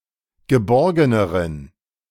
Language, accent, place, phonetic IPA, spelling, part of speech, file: German, Germany, Berlin, [ɡəˈbɔʁɡənəʁən], geborgeneren, adjective, De-geborgeneren.ogg
- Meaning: inflection of geborgen: 1. strong genitive masculine/neuter singular comparative degree 2. weak/mixed genitive/dative all-gender singular comparative degree